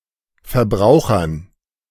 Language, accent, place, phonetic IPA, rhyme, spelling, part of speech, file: German, Germany, Berlin, [fɐˈbʁaʊ̯xɐn], -aʊ̯xɐn, Verbrauchern, noun, De-Verbrauchern.ogg
- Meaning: dative plural of Verbraucher